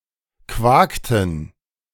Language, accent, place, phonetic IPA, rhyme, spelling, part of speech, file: German, Germany, Berlin, [ˈkvaːktn̩], -aːktn̩, quakten, verb, De-quakten.ogg
- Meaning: inflection of quaken: 1. first/third-person plural preterite 2. first/third-person plural subjunctive II